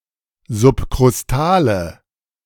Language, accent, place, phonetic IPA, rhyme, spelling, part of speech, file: German, Germany, Berlin, [zʊpkʁʊsˈtaːlə], -aːlə, subkrustale, adjective, De-subkrustale.ogg
- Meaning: inflection of subkrustal: 1. strong/mixed nominative/accusative feminine singular 2. strong nominative/accusative plural 3. weak nominative all-gender singular